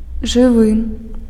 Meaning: alive, live, living
- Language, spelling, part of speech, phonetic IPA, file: Belarusian, жывы, adjective, [ʐɨˈvɨ], Be-жывы.ogg